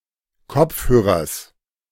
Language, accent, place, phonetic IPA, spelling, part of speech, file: German, Germany, Berlin, [ˈkɔp͡fhøːʁɐs], Kopfhörers, noun, De-Kopfhörers.ogg
- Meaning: genitive singular of Kopfhörer